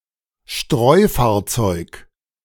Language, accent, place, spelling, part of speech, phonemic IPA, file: German, Germany, Berlin, Streufahrzeug, noun, /ˈʃtʁɔɪ̯faːɐ̯ˌt͡sɔɪ̯k/, De-Streufahrzeug.ogg
- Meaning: gritter